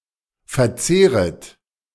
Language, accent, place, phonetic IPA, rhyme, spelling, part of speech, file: German, Germany, Berlin, [fɛɐ̯ˈt͡seːʁət], -eːʁət, verzehret, verb, De-verzehret.ogg
- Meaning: second-person plural subjunctive I of verzehren